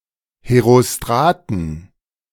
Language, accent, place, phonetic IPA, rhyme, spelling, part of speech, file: German, Germany, Berlin, [heʁoˈstʁaːtn̩], -aːtn̩, Herostraten, noun, De-Herostraten.ogg
- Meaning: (proper noun) genitive/dative/accusative singular of Herostrat; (noun) plural of Herostrat